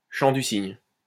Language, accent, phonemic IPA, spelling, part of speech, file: French, France, /ʃɑ̃ dy siɲ/, chant du cygne, noun, LL-Q150 (fra)-chant du cygne.wav
- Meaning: swan song